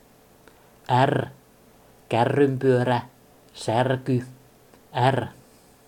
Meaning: The eighteenth letter of the Finnish alphabet, called är or er and written in the Latin script
- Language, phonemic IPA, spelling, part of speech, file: Finnish, /r/, r, character, Fi-r.ogg